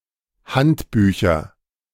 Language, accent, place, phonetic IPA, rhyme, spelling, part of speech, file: German, Germany, Berlin, [ˈhantˌbyːçɐ], -antbyːçɐ, Handbücher, noun, De-Handbücher.ogg
- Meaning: nominative/accusative/genitive plural of Handbuch